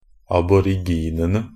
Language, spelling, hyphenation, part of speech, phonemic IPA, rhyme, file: Norwegian Bokmål, aboriginene, ab‧or‧ig‧in‧en‧e, noun, /abɔrɪˈɡiːnənə/, -ənə, NB - Pronunciation of Norwegian Bokmål «aboriginene».ogg
- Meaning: definite plural of aborigin